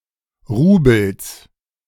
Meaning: genitive singular of Rubel
- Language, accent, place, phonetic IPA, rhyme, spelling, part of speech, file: German, Germany, Berlin, [ˈʁuːbl̩s], -uːbl̩s, Rubels, noun, De-Rubels.ogg